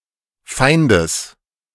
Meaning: genitive singular of Feind
- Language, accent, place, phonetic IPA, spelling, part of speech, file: German, Germany, Berlin, [ˈfaɪ̯ndəs], Feindes, noun, De-Feindes.ogg